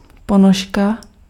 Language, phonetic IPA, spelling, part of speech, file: Czech, [ˈponoʃka], ponožka, noun, Cs-ponožka.ogg
- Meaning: sock (knitted or woven covering for the foot)